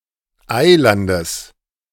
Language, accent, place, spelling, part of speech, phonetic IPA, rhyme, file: German, Germany, Berlin, Eilandes, noun, [ˈaɪ̯ˌlandəs], -aɪ̯landəs, De-Eilandes.ogg
- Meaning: genitive singular of Eiland